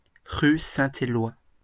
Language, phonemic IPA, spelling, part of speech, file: French, /e.lwa/, Éloi, proper noun, LL-Q150 (fra)-Éloi.wav
- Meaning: a male given name